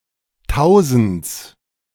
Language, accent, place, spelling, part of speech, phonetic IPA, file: German, Germany, Berlin, Tausends, noun, [ˈtaʊ̯zn̩t͡s], De-Tausends.ogg
- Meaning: genitive singular of Tausend